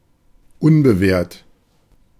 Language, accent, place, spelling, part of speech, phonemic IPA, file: German, Germany, Berlin, unbewehrt, adjective, /ˈʊnbəˌveːɐ̯t/, De-unbewehrt.ogg
- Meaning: unaided, unallied